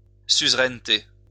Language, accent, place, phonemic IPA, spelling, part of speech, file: French, France, Lyon, /syz.ʁɛn.te/, suzeraineté, noun, LL-Q150 (fra)-suzeraineté.wav
- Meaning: suzerainty